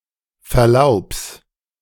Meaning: genitive of Verlaub
- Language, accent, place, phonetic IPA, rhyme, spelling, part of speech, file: German, Germany, Berlin, [fɛɐ̯ˈlaʊ̯ps], -aʊ̯ps, Verlaubs, noun, De-Verlaubs.ogg